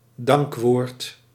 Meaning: a speech of thanks, a word of thanks
- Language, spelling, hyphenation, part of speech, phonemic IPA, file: Dutch, dankwoord, dank‧woord, noun, /ˈdɑŋk.ʋoːrt/, Nl-dankwoord.ogg